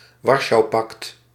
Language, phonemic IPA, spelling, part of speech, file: Dutch, /ˈwɑrʃɑuˌpɑkt/, Warschaupact, proper noun, Nl-Warschaupact.ogg
- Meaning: Warsaw Pact